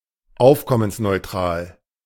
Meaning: without additional costs
- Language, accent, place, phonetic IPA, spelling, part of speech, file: German, Germany, Berlin, [ˈaʊ̯fkɔmənsnɔɪ̯ˌtʁaːl], aufkommensneutral, adjective, De-aufkommensneutral.ogg